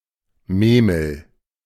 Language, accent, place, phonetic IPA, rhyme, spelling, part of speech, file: German, Germany, Berlin, [ˈmeːml̩], -eːml̩, Memel, proper noun, De-Memel.ogg
- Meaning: 1. the Memel, the Neman (a river in Lithuania that runs by this city) 2. Memel, Klaipėda (a city in Lithuania)